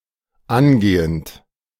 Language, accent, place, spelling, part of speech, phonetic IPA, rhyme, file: German, Germany, Berlin, angehend, verb, [ˈanˌɡeːənt], -anɡeːənt, De-angehend.ogg
- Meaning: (adjective) aspiring; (verb) present participle of angehen